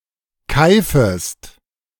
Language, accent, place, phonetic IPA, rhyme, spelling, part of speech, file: German, Germany, Berlin, [ˈkaɪ̯fəst], -aɪ̯fəst, keifest, verb, De-keifest.ogg
- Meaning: second-person singular subjunctive I of keifen